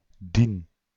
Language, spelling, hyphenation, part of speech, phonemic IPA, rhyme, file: Dutch, dien, dien, determiner / pronoun / verb, /din/, -in, Nl-dien.ogg
- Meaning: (determiner) inflection of die: 1. masculine accusative/dative singular 2. neuter dative singular 3. dative plural; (verb) inflection of dienen: first-person singular present indicative